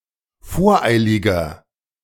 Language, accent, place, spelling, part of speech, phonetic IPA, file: German, Germany, Berlin, voreiliger, adjective, [ˈfoːɐ̯ˌʔaɪ̯lɪɡɐ], De-voreiliger.ogg
- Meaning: 1. comparative degree of voreilig 2. inflection of voreilig: strong/mixed nominative masculine singular 3. inflection of voreilig: strong genitive/dative feminine singular